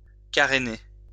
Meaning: to careen
- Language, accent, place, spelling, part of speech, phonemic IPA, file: French, France, Lyon, caréner, verb, /ka.ʁe.ne/, LL-Q150 (fra)-caréner.wav